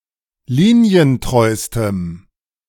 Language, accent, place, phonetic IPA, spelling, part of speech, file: German, Germany, Berlin, [ˈliːni̯ənˌtʁɔɪ̯stəm], linientreustem, adjective, De-linientreustem.ogg
- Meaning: strong dative masculine/neuter singular superlative degree of linientreu